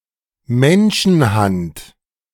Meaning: 1. human hand 2. hand-made
- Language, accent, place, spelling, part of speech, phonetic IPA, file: German, Germany, Berlin, Menschenhand, noun, [ˈmɛnʃn̩ˌhant], De-Menschenhand.ogg